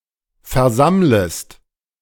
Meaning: second-person singular subjunctive I of versammeln
- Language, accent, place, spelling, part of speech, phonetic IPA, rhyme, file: German, Germany, Berlin, versammlest, verb, [fɛɐ̯ˈzamləst], -amləst, De-versammlest.ogg